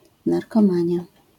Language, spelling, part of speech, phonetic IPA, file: Polish, narkomania, noun, [ˌnarkɔ̃ˈmãɲja], LL-Q809 (pol)-narkomania.wav